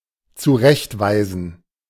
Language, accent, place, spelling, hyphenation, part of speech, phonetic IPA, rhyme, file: German, Germany, Berlin, zurechtweisen, zu‧recht‧wei‧sen, verb, [t͡suˈʁɛçtˌvaɪ̯zn̩], -aɪ̯zn̩, De-zurechtweisen.ogg
- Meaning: 1. to reprimand, to rebuke 2. to show the right way